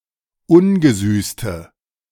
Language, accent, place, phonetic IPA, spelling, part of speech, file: German, Germany, Berlin, [ˈʊnɡəˌzyːstə], ungesüßte, adjective, De-ungesüßte.ogg
- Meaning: inflection of ungesüßt: 1. strong/mixed nominative/accusative feminine singular 2. strong nominative/accusative plural 3. weak nominative all-gender singular